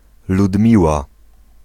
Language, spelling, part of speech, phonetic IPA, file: Polish, Ludmiła, proper noun, [ludˈmʲiwa], Pl-Ludmiła.ogg